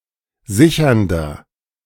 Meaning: inflection of sichernd: 1. strong/mixed nominative masculine singular 2. strong genitive/dative feminine singular 3. strong genitive plural
- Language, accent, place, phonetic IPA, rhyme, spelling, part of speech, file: German, Germany, Berlin, [ˈzɪçɐndɐ], -ɪçɐndɐ, sichernder, adjective, De-sichernder.ogg